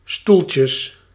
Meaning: plural of stoeltje
- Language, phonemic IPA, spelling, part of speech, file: Dutch, /ˈstuɫcjəs/, stoeltjes, noun, Nl-stoeltjes.ogg